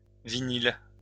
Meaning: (adjective) vinyl
- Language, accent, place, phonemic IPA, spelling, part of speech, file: French, France, Lyon, /vi.nil/, vinyle, adjective / noun, LL-Q150 (fra)-vinyle.wav